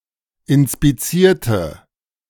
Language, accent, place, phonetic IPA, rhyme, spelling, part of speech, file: German, Germany, Berlin, [ɪnspiˈt͡siːɐ̯tə], -iːɐ̯tə, inspizierte, adjective / verb, De-inspizierte.ogg
- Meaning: inflection of inspizieren: 1. first/third-person singular preterite 2. first/third-person singular subjunctive II